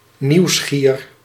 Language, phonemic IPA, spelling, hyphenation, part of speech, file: Dutch, /ˌniu̯ˈsxiːr/, nieuwsgier, nieuws‧gier, adjective, Nl-nieuwsgier.ogg
- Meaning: curious, inquisitive